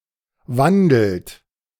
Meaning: inflection of wandeln: 1. third-person singular present 2. second-person plural present 3. plural imperative
- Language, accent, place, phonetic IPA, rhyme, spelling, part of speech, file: German, Germany, Berlin, [ˈvandl̩t], -andl̩t, wandelt, verb, De-wandelt.ogg